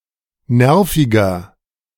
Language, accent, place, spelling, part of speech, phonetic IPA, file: German, Germany, Berlin, nerviger, adjective, [ˈnɛʁfɪɡɐ], De-nerviger.ogg
- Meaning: 1. comparative degree of nervig 2. inflection of nervig: strong/mixed nominative masculine singular 3. inflection of nervig: strong genitive/dative feminine singular